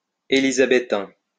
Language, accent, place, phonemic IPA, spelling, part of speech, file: French, France, Lyon, /e.li.za.be.tɛ̃/, élisabéthain, adjective, LL-Q150 (fra)-élisabéthain.wav
- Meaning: Elizabethan